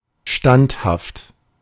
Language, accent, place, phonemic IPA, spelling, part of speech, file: German, Germany, Berlin, /ˈʃtanthaft/, standhaft, adjective, De-standhaft.ogg
- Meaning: firm, steadfast, unwavering